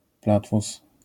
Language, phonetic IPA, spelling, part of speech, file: Polish, [ˈplatfus], platfus, noun, LL-Q809 (pol)-platfus.wav